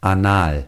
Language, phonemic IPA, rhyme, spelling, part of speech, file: German, /aˈnaːl/, -aːl, anal, adjective, De-anal.ogg
- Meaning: anal